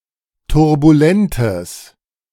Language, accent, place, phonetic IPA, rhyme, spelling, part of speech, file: German, Germany, Berlin, [tʊʁbuˈlɛntəs], -ɛntəs, turbulentes, adjective, De-turbulentes.ogg
- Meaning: strong/mixed nominative/accusative neuter singular of turbulent